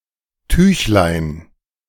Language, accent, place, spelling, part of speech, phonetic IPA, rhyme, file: German, Germany, Berlin, Tüchlein, noun, [ˈtyːçlaɪ̯n], -yːçlaɪ̯n, De-Tüchlein.ogg
- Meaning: diminutive of Tuch